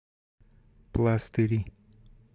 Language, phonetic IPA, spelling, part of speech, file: Russian, [ˈpɫastɨrʲɪ], пластыри, noun, Ru-пластыри.ogg
- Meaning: nominative/accusative plural of пла́стырь (plástyrʹ)